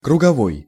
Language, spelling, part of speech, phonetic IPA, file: Russian, круговой, adjective, [krʊɡɐˈvoj], Ru-круговой.ogg
- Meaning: circular